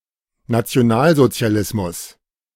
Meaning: National Socialism
- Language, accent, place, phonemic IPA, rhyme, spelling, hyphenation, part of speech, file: German, Germany, Berlin, /natsi̯oˈnaːlzotsi̯aˌlɪsmʊs/, -ɪsmʊs, Nationalsozialismus, Na‧ti‧o‧nal‧so‧zi‧a‧lis‧mus, noun, De-Nationalsozialismus.ogg